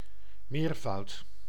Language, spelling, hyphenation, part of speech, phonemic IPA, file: Dutch, meervoud, meer‧voud, noun, /ˈmeːr.vɑu̯t/, Nl-meervoud.ogg
- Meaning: plural